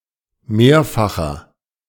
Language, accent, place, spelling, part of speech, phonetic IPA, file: German, Germany, Berlin, mehrfacher, adjective, [ˈmeːɐ̯faxɐ], De-mehrfacher.ogg
- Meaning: inflection of mehrfach: 1. strong/mixed nominative masculine singular 2. strong genitive/dative feminine singular 3. strong genitive plural